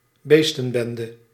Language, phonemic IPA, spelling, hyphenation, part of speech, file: Dutch, /ˈbeːs.tə(n)ˌbɛn.də/, beestenbende, bees‧ten‧ben‧de, noun, Nl-beestenbende.ogg
- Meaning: a complete mess (mess as if resulting from animals stampeding)